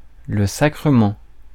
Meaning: sacrament (sacred act or ceremony)
- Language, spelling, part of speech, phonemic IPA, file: French, sacrement, noun, /sa.kʁə.mɑ̃/, Fr-sacrement.ogg